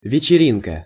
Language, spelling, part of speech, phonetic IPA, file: Russian, вечеринка, noun, [vʲɪt͡ɕɪˈrʲinkə], Ru-вечеринка.ogg
- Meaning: soirée, evening party